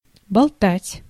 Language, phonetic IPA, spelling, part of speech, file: Russian, [bɐɫˈtatʲ], болтать, verb, Ru-болтать.ogg
- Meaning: 1. to dangle 2. to shake, to rock, to stir 3. to stir, to mix, to beat 4. to babble, to talk needlessly or endlessly 5. to converse